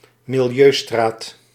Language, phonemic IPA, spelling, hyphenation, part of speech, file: Dutch, /mɪlˈjøːˌstraːt/, milieustraat, mi‧li‧eu‧straat, noun, Nl-milieustraat.ogg
- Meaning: household waste recycling centre